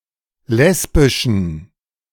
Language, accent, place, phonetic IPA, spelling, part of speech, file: German, Germany, Berlin, [ˈlɛsbɪʃn̩], lesbischen, adjective, De-lesbischen.ogg
- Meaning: inflection of lesbisch: 1. strong genitive masculine/neuter singular 2. weak/mixed genitive/dative all-gender singular 3. strong/weak/mixed accusative masculine singular 4. strong dative plural